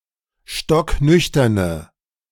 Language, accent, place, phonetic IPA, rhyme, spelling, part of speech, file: German, Germany, Berlin, [ˌʃtɔkˈnʏçtɐnə], -ʏçtɐnə, stocknüchterne, adjective, De-stocknüchterne.ogg
- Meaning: inflection of stocknüchtern: 1. strong/mixed nominative/accusative feminine singular 2. strong nominative/accusative plural 3. weak nominative all-gender singular